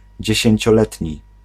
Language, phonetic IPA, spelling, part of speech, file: Polish, [ˌd͡ʑɛ̇ɕɛ̇̃ɲt͡ɕɔˈlɛtʲɲi], dziesięcioletni, adjective, Pl-dziesięcioletni.ogg